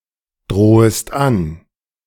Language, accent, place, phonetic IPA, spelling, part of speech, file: German, Germany, Berlin, [ˌdʁoːəst ˈan], drohest an, verb, De-drohest an.ogg
- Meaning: second-person singular subjunctive I of androhen